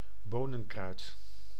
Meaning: savory, plant of the genus Satureja, used in particular of those species and varieties used as culinary herbs
- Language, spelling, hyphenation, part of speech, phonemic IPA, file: Dutch, bonenkruid, bo‧nen‧kruid, noun, /ˈboː.nə(n)ˌkrœy̯t/, Nl-bonenkruid.ogg